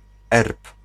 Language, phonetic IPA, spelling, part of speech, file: Polish, [ɛrp], erb, noun, Pl-erb.ogg